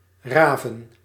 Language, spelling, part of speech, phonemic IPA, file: Dutch, raven, noun, /ˈraːvə(n)/, Nl-raven.ogg
- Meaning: 1. obsolete form of raaf 2. plural of raaf